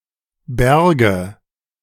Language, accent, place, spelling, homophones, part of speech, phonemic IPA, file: German, Germany, Berlin, bärge, berge / Berge, verb, /ˈbɛrɡə/, De-bärge.ogg
- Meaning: first/third-person singular subjunctive II of bergen